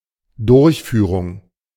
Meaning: 1. implementation 2. performance, execution 3. accomplishment 4. conduct 5. bushing
- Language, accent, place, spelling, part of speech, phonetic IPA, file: German, Germany, Berlin, Durchführung, noun, [ˈdʊɐ̯çˌfyːʁʊŋ], De-Durchführung.ogg